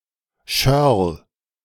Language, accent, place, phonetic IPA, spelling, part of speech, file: German, Germany, Berlin, [ʃœʁl], Schörl, noun, De-Schörl.ogg
- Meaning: schorl